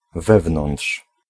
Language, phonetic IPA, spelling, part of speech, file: Polish, [ˈvɛvnɔ̃nṭʃ], wewnątrz, preposition / adverb, Pl-wewnątrz.ogg